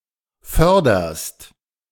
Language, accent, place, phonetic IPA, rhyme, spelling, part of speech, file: German, Germany, Berlin, [ˈfœʁdɐst], -œʁdɐst, förderst, verb, De-förderst.ogg
- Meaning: second-person singular present of fördern